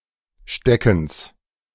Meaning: genitive singular of Stecken
- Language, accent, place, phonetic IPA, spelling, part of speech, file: German, Germany, Berlin, [ˈʃtɛkŋ̩s], Steckens, noun, De-Steckens.ogg